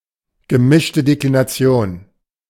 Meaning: mixed declension: a type of declension that adjectives use after ein, kein, and possessive determiners
- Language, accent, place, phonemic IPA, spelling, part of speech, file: German, Germany, Berlin, /ɡəˈmɪʃtə deklinaˈtsi̯oːn/, gemischte Deklination, noun, De-gemischte Deklination.ogg